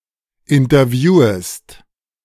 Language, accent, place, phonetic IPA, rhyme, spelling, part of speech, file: German, Germany, Berlin, [ɪntɐˈvjuːəst], -uːəst, interviewest, verb, De-interviewest.ogg
- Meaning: second-person singular subjunctive I of interviewen